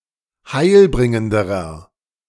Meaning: inflection of heilbringend: 1. strong/mixed nominative masculine singular comparative degree 2. strong genitive/dative feminine singular comparative degree 3. strong genitive plural comparative degree
- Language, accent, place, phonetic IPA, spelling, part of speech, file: German, Germany, Berlin, [ˈhaɪ̯lˌbʁɪŋəndəʁɐ], heilbringenderer, adjective, De-heilbringenderer.ogg